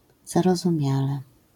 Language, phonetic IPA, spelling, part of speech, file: Polish, [ˌzarɔzũˈmʲjalɛ], zarozumiale, adverb, LL-Q809 (pol)-zarozumiale.wav